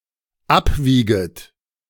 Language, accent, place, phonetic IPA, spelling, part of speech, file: German, Germany, Berlin, [ˈapˌviːɡət], abwieget, verb, De-abwieget.ogg
- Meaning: second-person plural dependent subjunctive I of abwiegen